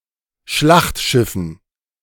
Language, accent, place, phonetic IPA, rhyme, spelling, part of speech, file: German, Germany, Berlin, [ˈʃlaxtˌʃɪfn̩], -axtʃɪfn̩, Schlachtschiffen, noun, De-Schlachtschiffen.ogg
- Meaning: dative plural of Schlachtschiff